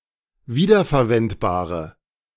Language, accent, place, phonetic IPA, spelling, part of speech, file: German, Germany, Berlin, [ˈviːdɐfɛɐ̯ˌvɛntbaːʁə], wiederverwendbare, adjective, De-wiederverwendbare.ogg
- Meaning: inflection of wiederverwendbar: 1. strong/mixed nominative/accusative feminine singular 2. strong nominative/accusative plural 3. weak nominative all-gender singular